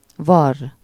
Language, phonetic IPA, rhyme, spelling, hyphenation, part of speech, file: Hungarian, [ˈvɒrː], -ɒrː, varr, varr, verb, Hu-varr.ogg
- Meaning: to sew (to use a needle to pass thread repeatedly through pieces of fabric in order to join them together)